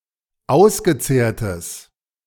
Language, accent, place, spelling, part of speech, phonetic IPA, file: German, Germany, Berlin, ausgezehrtes, adjective, [ˈaʊ̯sɡəˌt͡seːɐ̯təs], De-ausgezehrtes.ogg
- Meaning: strong/mixed nominative/accusative neuter singular of ausgezehrt